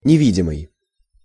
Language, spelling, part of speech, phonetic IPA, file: Russian, невидимый, adjective, [nʲɪˈvʲidʲɪmɨj], Ru-невидимый.ogg
- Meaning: invisible